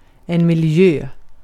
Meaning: 1. environment (area around something) 2. the natural environment; nature 3. milieu (a social setting or environment)
- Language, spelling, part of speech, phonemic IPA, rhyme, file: Swedish, miljö, noun, /mɪlˈjøː/, -øː, Sv-miljö.ogg